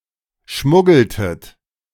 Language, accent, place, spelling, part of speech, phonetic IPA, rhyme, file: German, Germany, Berlin, schmuggeltet, verb, [ˈʃmʊɡl̩tət], -ʊɡl̩tət, De-schmuggeltet.ogg
- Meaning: inflection of schmuggeln: 1. second-person plural preterite 2. second-person plural subjunctive II